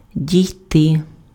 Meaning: 1. to arrive (at), to reach 2. to arrive at, to come to, to reach (conclusion, state, understanding, etc.: + genitive case)
- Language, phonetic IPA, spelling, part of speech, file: Ukrainian, [dʲii̯ˈtɪ], дійти, verb, Uk-дійти.ogg